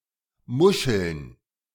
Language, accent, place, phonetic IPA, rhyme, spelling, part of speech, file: German, Germany, Berlin, [ˈmʊʃl̩n], -ʊʃl̩n, Muscheln, noun, De-Muscheln.ogg
- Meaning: plural of Muschel